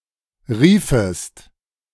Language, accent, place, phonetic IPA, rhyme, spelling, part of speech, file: German, Germany, Berlin, [ˈʁiːfəst], -iːfəst, riefest, verb, De-riefest.ogg
- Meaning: second-person singular subjunctive II of rufen